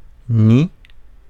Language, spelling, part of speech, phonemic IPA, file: French, ni, conjunction, /ni/, Fr-ni.ogg
- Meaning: neither; nor